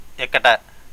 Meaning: where
- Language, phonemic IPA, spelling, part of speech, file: Telugu, /ekːaɖa/, ఎక్కడ, adverb, Te-ఎక్కడ.ogg